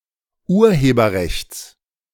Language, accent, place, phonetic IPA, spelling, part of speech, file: German, Germany, Berlin, [ˈuːɐ̯heːbɐˌʁɛçt͡s], Urheberrechts, noun, De-Urheberrechts.ogg
- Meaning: genitive singular of Urheberrecht